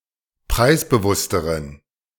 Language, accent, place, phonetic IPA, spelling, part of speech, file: German, Germany, Berlin, [ˈpʁaɪ̯sbəˌvʊstəʁən], preisbewussteren, adjective, De-preisbewussteren.ogg
- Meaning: inflection of preisbewusst: 1. strong genitive masculine/neuter singular comparative degree 2. weak/mixed genitive/dative all-gender singular comparative degree